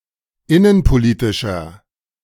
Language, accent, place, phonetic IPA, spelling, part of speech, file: German, Germany, Berlin, [ˈɪnənpoˌliːtɪʃɐ], innenpolitischer, adjective, De-innenpolitischer.ogg
- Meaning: inflection of innenpolitisch: 1. strong/mixed nominative masculine singular 2. strong genitive/dative feminine singular 3. strong genitive plural